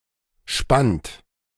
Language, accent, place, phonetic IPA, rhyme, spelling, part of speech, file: German, Germany, Berlin, [ʃpant], -ant, spannt, verb, De-spannt.ogg
- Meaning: second-person plural preterite of spinnen